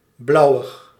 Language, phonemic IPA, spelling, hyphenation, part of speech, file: Dutch, /ˈblɑu̯.əx/, blauwig, blau‧wig, adjective, Nl-blauwig.ogg
- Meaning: bluish, of a colour or shade which resembles or hinges on blue and/or contains some blue